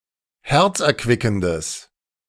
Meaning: strong/mixed nominative/accusative neuter singular of herzerquickend
- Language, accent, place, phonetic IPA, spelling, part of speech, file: German, Germany, Berlin, [ˈhɛʁt͡sʔɛɐ̯ˌkvɪkn̩dəs], herzerquickendes, adjective, De-herzerquickendes.ogg